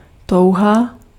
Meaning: desire
- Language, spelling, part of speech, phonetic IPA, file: Czech, touha, noun, [ˈtou̯ɦa], Cs-touha.ogg